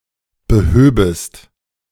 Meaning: second-person singular subjunctive II of beheben
- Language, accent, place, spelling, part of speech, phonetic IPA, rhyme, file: German, Germany, Berlin, behöbest, verb, [bəˈhøːbəst], -øːbəst, De-behöbest.ogg